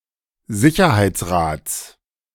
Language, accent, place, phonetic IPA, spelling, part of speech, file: German, Germany, Berlin, [ˈzɪçɐhaɪ̯t͡sˌʁaːt͡s], Sicherheitsrats, noun, De-Sicherheitsrats.ogg
- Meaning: genitive singular of Sicherheitsrat